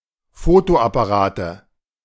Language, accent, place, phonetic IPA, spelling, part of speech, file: German, Germany, Berlin, [ˈfoːtoʔapaˌʁaːtə], Fotoapparate, noun, De-Fotoapparate.ogg
- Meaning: nominative/accusative/genitive plural of Fotoapparat